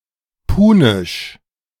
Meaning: Punic, Carthaginian
- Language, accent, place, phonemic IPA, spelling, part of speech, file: German, Germany, Berlin, /ˈpuːnɪʃ/, punisch, adjective, De-punisch.ogg